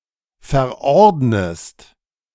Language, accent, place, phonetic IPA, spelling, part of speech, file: German, Germany, Berlin, [fɛɐ̯ˈʔɔʁdnəst], verordnest, verb, De-verordnest.ogg
- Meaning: inflection of verordnen: 1. second-person singular present 2. second-person singular subjunctive I